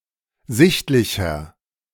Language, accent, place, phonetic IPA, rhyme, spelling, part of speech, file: German, Germany, Berlin, [ˈzɪçtlɪçɐ], -ɪçtlɪçɐ, sichtlicher, adjective, De-sichtlicher.ogg
- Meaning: inflection of sichtlich: 1. strong/mixed nominative masculine singular 2. strong genitive/dative feminine singular 3. strong genitive plural